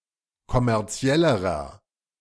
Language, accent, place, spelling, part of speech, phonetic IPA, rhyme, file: German, Germany, Berlin, kommerziellerer, adjective, [kɔmɛʁˈt͡si̯ɛləʁɐ], -ɛləʁɐ, De-kommerziellerer.ogg
- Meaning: inflection of kommerziell: 1. strong/mixed nominative masculine singular comparative degree 2. strong genitive/dative feminine singular comparative degree 3. strong genitive plural comparative degree